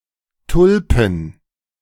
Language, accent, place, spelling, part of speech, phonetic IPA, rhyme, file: German, Germany, Berlin, Tulpen, noun, [ˈtʊlpn̩], -ʊlpn̩, De-Tulpen.ogg
- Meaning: plural of Tulpe